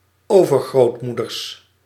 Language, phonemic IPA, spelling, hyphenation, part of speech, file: Dutch, /ˈoː.vər.ɣroːtˌmudərs/, overgrootmoeders, over‧groot‧moe‧ders, noun, Nl-overgrootmoeders.ogg
- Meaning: plural of overgrootmoeder